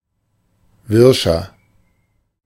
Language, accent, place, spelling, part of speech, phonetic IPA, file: German, Germany, Berlin, wirscher, adjective, [ˈvɪʁʃɐ], De-wirscher.ogg
- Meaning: 1. comparative degree of wirsch 2. inflection of wirsch: strong/mixed nominative masculine singular 3. inflection of wirsch: strong genitive/dative feminine singular